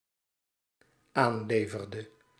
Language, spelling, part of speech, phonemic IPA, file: Dutch, aanleverde, verb, /ˈanlevərdə/, Nl-aanleverde.ogg
- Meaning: inflection of aanleveren: 1. singular dependent-clause past indicative 2. singular dependent-clause past subjunctive